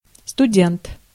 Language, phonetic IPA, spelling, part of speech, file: Russian, [stʊˈdʲent], студент, noun, Ru-студент.ogg
- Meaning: student (in a university or college), undergraduate